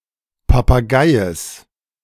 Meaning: genitive singular of Papagei
- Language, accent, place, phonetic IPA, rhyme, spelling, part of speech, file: German, Germany, Berlin, [papaˈɡaɪ̯əs], -aɪ̯əs, Papageies, noun, De-Papageies.ogg